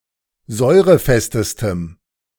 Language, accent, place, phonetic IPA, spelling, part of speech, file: German, Germany, Berlin, [ˈzɔɪ̯ʁəˌfɛstəstəm], säurefestestem, adjective, De-säurefestestem.ogg
- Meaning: strong dative masculine/neuter singular superlative degree of säurefest